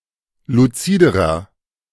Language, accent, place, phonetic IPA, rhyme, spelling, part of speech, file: German, Germany, Berlin, [luˈt͡siːdəʁɐ], -iːdəʁɐ, luziderer, adjective, De-luziderer.ogg
- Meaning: inflection of luzid: 1. strong/mixed nominative masculine singular comparative degree 2. strong genitive/dative feminine singular comparative degree 3. strong genitive plural comparative degree